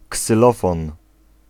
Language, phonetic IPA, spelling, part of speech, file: Polish, [ksɨˈlɔfɔ̃n], ksylofon, noun, Pl-ksylofon.ogg